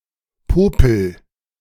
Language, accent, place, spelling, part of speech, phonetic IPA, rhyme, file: German, Germany, Berlin, popel, verb, [ˈpoːpl̩], -oːpl̩, De-popel.ogg
- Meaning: inflection of popeln: 1. first-person singular present 2. singular imperative